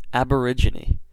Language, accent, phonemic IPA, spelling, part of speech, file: English, US, /ˌæb.əˈɹɪd͡ʒ.ɪ.ni/, aborigine, noun, En-us-aborigine.ogg
- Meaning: 1. A native inhabitant of a country; a member of the original people 2. The native flora and fauna of an area